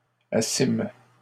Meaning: first-person plural past historic of asseoir
- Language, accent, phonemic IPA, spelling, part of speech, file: French, Canada, /a.sim/, assîmes, verb, LL-Q150 (fra)-assîmes.wav